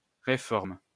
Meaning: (noun) reform (change); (verb) inflection of réformer: 1. first/third-person singular present indicative/subjunctive 2. second-person singular imperative
- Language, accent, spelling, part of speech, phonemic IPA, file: French, France, réforme, noun / verb, /ʁe.fɔʁm/, LL-Q150 (fra)-réforme.wav